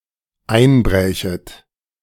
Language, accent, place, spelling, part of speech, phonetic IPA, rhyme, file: German, Germany, Berlin, einbrächet, verb, [ˈaɪ̯nˌbʁɛːçət], -aɪ̯nbʁɛːçət, De-einbrächet.ogg
- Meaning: second-person plural dependent subjunctive II of einbrechen